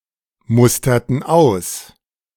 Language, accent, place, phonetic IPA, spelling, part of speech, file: German, Germany, Berlin, [ˌmʊstɐtn̩ ˈaʊ̯s], musterten aus, verb, De-musterten aus.ogg
- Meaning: inflection of ausmustern: 1. first/third-person plural preterite 2. first/third-person plural subjunctive II